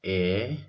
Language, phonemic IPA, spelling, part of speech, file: Odia, /e/, ଏ, character / pronoun, Or-ଏ.oga
- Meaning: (character) The ninth character in the Odia abugida; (pronoun) 1. this (proximal) 2. it